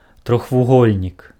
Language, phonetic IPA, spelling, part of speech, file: Belarusian, [troxvuˈɣolʲnʲik], трохвугольнік, noun, Be-трохвугольнік.ogg
- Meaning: triangle